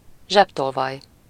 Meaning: pickpocket
- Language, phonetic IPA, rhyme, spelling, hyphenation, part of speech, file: Hungarian, [ˈʒɛptolvɒj], -ɒj, zsebtolvaj, zseb‧tol‧vaj, noun, Hu-zsebtolvaj.ogg